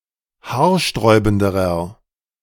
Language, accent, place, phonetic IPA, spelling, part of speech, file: German, Germany, Berlin, [ˈhaːɐ̯ˌʃtʁɔɪ̯bn̩dəʁɐ], haarsträubenderer, adjective, De-haarsträubenderer.ogg
- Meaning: inflection of haarsträubend: 1. strong/mixed nominative masculine singular comparative degree 2. strong genitive/dative feminine singular comparative degree